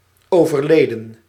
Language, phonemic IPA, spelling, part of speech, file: Dutch, /ˌovərˈledə(n)/, overleden, adjective / verb, Nl-overleden.ogg
- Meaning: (adjective) deceased; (verb) 1. inflection of overlijden: plural past indicative 2. inflection of overlijden: plural past subjunctive 3. past participle of overlijden